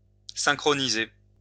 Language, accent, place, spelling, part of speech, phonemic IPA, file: French, France, Lyon, synchroniser, verb, /sɛ̃.kʁɔ.ni.ze/, LL-Q150 (fra)-synchroniser.wav
- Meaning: to synchronize